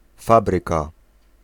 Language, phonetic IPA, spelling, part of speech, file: Polish, [ˈfabrɨka], fabryka, noun, Pl-fabryka.ogg